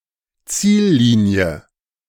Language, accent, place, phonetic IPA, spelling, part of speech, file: German, Germany, Berlin, [ˈt͡siːlˌliːni̯ə], Ziellinie, noun, De-Ziellinie.ogg
- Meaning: finish line